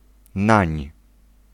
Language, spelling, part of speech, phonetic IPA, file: Polish, nań, contraction, [nãɲ], Pl-nań.ogg